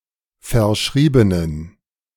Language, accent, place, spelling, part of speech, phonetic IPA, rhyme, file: German, Germany, Berlin, verschriebenen, adjective, [fɛɐ̯ˈʃʁiːbənən], -iːbənən, De-verschriebenen.ogg
- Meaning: inflection of verschrieben: 1. strong genitive masculine/neuter singular 2. weak/mixed genitive/dative all-gender singular 3. strong/weak/mixed accusative masculine singular 4. strong dative plural